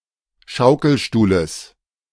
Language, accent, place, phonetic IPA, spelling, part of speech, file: German, Germany, Berlin, [ˈʃaʊ̯kl̩ˌʃtuːləs], Schaukelstuhles, noun, De-Schaukelstuhles.ogg
- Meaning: genitive singular of Schaukelstuhl